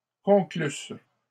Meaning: first-person singular imperfect subjunctive of conclure
- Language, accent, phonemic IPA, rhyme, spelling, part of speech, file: French, Canada, /kɔ̃.klys/, -ys, conclusse, verb, LL-Q150 (fra)-conclusse.wav